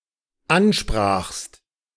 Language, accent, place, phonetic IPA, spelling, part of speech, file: German, Germany, Berlin, [ˈanˌʃpʁaːxst], ansprachst, verb, De-ansprachst.ogg
- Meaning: second-person singular dependent preterite of ansprechen